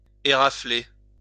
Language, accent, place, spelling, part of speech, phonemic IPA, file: French, France, Lyon, érafler, verb, /e.ʁa.fle/, LL-Q150 (fra)-érafler.wav
- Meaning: to scratch, graze